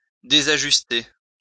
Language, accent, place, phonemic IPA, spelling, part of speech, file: French, France, Lyon, /de.za.ʒys.te/, désajuster, verb, LL-Q150 (fra)-désajuster.wav
- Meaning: 1. to derange, to disturb, to put out of order 2. to become deranged, disturbed, to get out of order